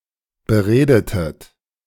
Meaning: inflection of bereden: 1. second-person plural preterite 2. second-person plural subjunctive II
- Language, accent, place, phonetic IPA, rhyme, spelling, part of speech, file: German, Germany, Berlin, [bəˈʁeːdətət], -eːdətət, beredetet, verb, De-beredetet.ogg